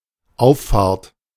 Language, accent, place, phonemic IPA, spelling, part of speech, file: German, Germany, Berlin, /ˈaʊ̯fˌfaːrt/, Auffahrt, noun, De-Auffahrt.ogg
- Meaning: 1. slip road, on-ramp (portion of a road used for entering a motorway) 2. Ascension of Christ